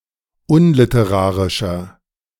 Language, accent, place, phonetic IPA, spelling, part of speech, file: German, Germany, Berlin, [ˈʊnlɪtəˌʁaːʁɪʃɐ], unliterarischer, adjective, De-unliterarischer.ogg
- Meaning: 1. comparative degree of unliterarisch 2. inflection of unliterarisch: strong/mixed nominative masculine singular 3. inflection of unliterarisch: strong genitive/dative feminine singular